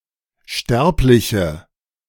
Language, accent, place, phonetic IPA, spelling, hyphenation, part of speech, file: German, Germany, Berlin, [ˈʃtɛʁplɪçə], Sterbliche, Sterb‧li‧che, noun, De-Sterbliche.ogg
- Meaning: 1. female equivalent of Sterblicher: female mortal 2. inflection of Sterblicher: strong nominative/accusative plural 3. inflection of Sterblicher: weak nominative singular